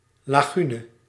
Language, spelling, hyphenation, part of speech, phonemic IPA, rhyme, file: Dutch, lagune, la‧gu‧ne, noun, /ˌlaːˈɣy.nə/, -ynə, Nl-lagune.ogg
- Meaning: lagoon, shallow body of coastal water